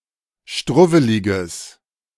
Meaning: strong/mixed nominative/accusative neuter singular of struwwelig
- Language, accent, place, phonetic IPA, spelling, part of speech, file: German, Germany, Berlin, [ˈʃtʁʊvəlɪɡəs], struwweliges, adjective, De-struwweliges.ogg